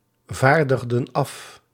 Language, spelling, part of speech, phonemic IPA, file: Dutch, vaardigden af, verb, /ˈvardəɣdə(n) ˈɑf/, Nl-vaardigden af.ogg
- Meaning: inflection of afvaardigen: 1. plural past indicative 2. plural past subjunctive